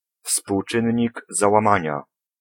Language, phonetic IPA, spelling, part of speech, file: Polish, [fspuwˈt͡ʃɨ̃ɲːiɡ ˌzawãˈmãɲa], współczynnik załamania, noun, Pl-współczynnik załamania.ogg